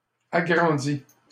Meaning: past participle of agrandir
- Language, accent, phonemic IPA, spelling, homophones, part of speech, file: French, Canada, /a.ɡʁɑ̃.di/, agrandi, agrandie / agrandies / agrandis / agrandit / agrandît, verb, LL-Q150 (fra)-agrandi.wav